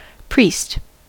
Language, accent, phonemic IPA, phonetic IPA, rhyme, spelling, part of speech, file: English, US, /ˈpɹiːst/, [ˈpɹ̥iːst], -iːst, priest, noun / verb, En-us-priest.ogg
- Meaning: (noun) 1. A religious clergyman (clergywoman, clergyperson) who is trained to perform services or sacrifices at a church or temple 2. A blunt tool, used for quickly stunning and killing fish